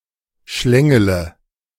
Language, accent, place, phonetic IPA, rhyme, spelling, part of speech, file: German, Germany, Berlin, [ˈʃlɛŋələ], -ɛŋələ, schlängele, verb, De-schlängele.ogg
- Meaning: inflection of schlängeln: 1. first-person singular present 2. singular imperative 3. first/third-person singular subjunctive I